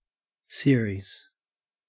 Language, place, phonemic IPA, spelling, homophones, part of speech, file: English, Queensland, /ˈsɪə.ɹiːz/, series, Siri's / Siris / Ceres, noun, En-au-series.ogg
- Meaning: 1. A number of things that follow on one after the other or are connected one after the other 2. A television or radio program consisting of several episodes that are broadcast at regular intervals